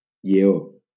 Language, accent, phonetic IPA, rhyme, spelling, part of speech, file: Catalan, Valencia, [ʎeˈo], -o, lleó, noun, LL-Q7026 (cat)-lleó.wav
- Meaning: 1. lion (Panthera leo) 2. lion (stylized representation)